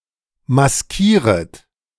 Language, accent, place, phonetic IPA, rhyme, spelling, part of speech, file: German, Germany, Berlin, [masˈkiːʁət], -iːʁət, maskieret, verb, De-maskieret.ogg
- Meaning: second-person plural subjunctive I of maskieren